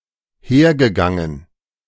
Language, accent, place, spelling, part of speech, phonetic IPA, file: German, Germany, Berlin, hergegangen, verb, [ˈheːɐ̯ɡəˌɡaŋən], De-hergegangen.ogg
- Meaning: past participle of hergehen